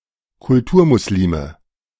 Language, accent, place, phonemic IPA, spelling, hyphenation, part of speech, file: German, Germany, Berlin, /kʊlˈtuːɐ̯mʊsˈliːmə/, Kulturmuslime, Kul‧tur‧mus‧li‧me, noun, De-Kulturmuslime.ogg
- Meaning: plural of Kulturmuslim